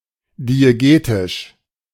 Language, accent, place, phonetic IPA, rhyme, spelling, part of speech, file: German, Germany, Berlin, [dieˈɡeːtɪʃ], -eːtɪʃ, diegetisch, adjective, De-diegetisch.ogg
- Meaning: diegetic